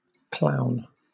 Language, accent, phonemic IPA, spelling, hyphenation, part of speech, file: English, Southern England, /ˈklaʊ̯n/, clown, clown, noun / verb, LL-Q1860 (eng)-clown.wav
- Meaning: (noun) A slapstick performance artist often associated with a circus and usually characterized by bright, oversized clothing, a red nose, face paint, and a brightly colored wig